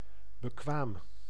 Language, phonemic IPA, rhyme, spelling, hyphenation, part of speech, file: Dutch, /bəˈkʋaːm/, -aːm, bekwaam, be‧kwaam, adjective / verb, Nl-bekwaam.ogg
- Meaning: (adjective) capable, competent; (verb) inflection of bekwamen: 1. first-person singular present indicative 2. second-person singular present indicative 3. imperative